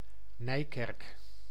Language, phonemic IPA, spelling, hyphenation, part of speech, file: Dutch, /ˈnɛi̯.kɛrk/, Nijkerk, Nij‧kerk, proper noun, Nl-Nijkerk.ogg
- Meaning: Nijkerk (a city and municipality of Gelderland, Netherlands)